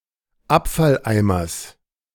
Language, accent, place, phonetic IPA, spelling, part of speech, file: German, Germany, Berlin, [ˈapfalˌʔaɪ̯mɐs], Abfalleimers, noun, De-Abfalleimers.ogg
- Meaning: genitive singular of Abfalleimer